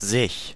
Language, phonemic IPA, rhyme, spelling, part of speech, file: German, /zɪç/, -ɪç, sich, pronoun, De-sich.ogg
- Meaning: Reflexive pronoun of the third person singular or plural: herself, himself, itself, oneself, themselves (in both dative and accusative)